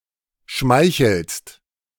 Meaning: second-person singular present of schmeicheln
- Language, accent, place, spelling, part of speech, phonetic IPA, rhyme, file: German, Germany, Berlin, schmeichelst, verb, [ˈʃmaɪ̯çl̩st], -aɪ̯çl̩st, De-schmeichelst.ogg